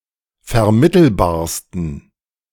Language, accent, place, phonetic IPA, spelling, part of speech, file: German, Germany, Berlin, [fɛɐ̯ˈmɪtl̩baːɐ̯stn̩], vermittelbarsten, adjective, De-vermittelbarsten.ogg
- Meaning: 1. superlative degree of vermittelbar 2. inflection of vermittelbar: strong genitive masculine/neuter singular superlative degree